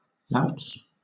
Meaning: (noun) plural of lout; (verb) third-person singular simple present indicative of lout
- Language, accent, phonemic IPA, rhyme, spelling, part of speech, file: English, Southern England, /laʊts/, -aʊts, louts, noun / verb, LL-Q1860 (eng)-louts.wav